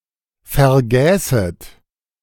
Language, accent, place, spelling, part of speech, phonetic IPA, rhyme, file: German, Germany, Berlin, vergäßet, verb, [fɛɐ̯ˈɡɛːsət], -ɛːsət, De-vergäßet.ogg
- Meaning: second-person plural subjunctive II of vergessen